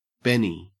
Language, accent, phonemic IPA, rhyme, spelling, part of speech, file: English, Australia, /ˈbɛni/, -ɛni, benny, noun / verb, En-au-benny.ogg
- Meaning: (noun) An amphetamine tablet; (verb) To take amphetamines; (noun) 1. Alternative letter-case form of Benny (“tantrum”) 2. Alternative letter-case form of Benny (“one-hundred-dollar bill”) 3. A benefit